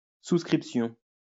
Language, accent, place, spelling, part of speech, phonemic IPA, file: French, France, Lyon, souscription, noun, /sus.kʁip.sjɔ̃/, LL-Q150 (fra)-souscription.wav
- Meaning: subscription